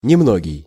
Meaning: few, several (more than one, but not as many as usual or as expected)
- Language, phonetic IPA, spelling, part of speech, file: Russian, [nʲɪˈmnoɡʲɪj], немногий, adjective, Ru-немногий.ogg